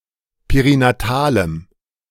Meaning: strong dative masculine/neuter singular of perinatal
- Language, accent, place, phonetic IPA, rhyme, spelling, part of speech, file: German, Germany, Berlin, [peʁinaˈtaːləm], -aːləm, perinatalem, adjective, De-perinatalem.ogg